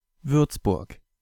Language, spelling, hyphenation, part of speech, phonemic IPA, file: German, Würzburg, Würz‧burg, proper noun, /ˈvʏɐ̯tsbʊɐ̯k/, De-Würzburg.ogg
- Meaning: an independent city, the administrative seat of the Lower Franconia region, Bavaria